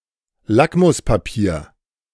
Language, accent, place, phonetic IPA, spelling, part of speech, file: German, Germany, Berlin, [ˈlakmʊspaˌpiːɐ̯], Lackmuspapier, noun, De-Lackmuspapier.ogg
- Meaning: litmus paper